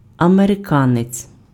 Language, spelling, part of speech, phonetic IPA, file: Ukrainian, американець, noun, [ɐmereˈkanet͡sʲ], Uk-американець.ogg
- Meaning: American